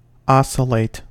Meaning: 1. To swing back and forth, especially if with a regular rhythm 2. To vacillate between conflicting opinions, etc 3. To vary above and below a mean value
- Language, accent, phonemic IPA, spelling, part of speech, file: English, US, /ˈɑsɪleɪt/, oscillate, verb, En-us-oscillate.ogg